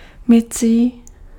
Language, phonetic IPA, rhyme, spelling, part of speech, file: Czech, [ˈmɪt͡siː], -ɪtsiː, mycí, adjective, Cs-mycí.ogg
- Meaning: washing